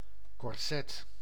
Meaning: 1. a corset, tight undergarment 2. a medieval precursor 3. a bothersome constraint, limitations
- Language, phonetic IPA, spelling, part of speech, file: Dutch, [kɔrˈsɛt], korset, noun, Nl-korset.ogg